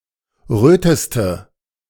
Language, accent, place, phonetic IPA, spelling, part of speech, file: German, Germany, Berlin, [ˈʁøːtəstə], röteste, adjective, De-röteste.ogg
- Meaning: inflection of rot: 1. strong/mixed nominative/accusative feminine singular superlative degree 2. strong nominative/accusative plural superlative degree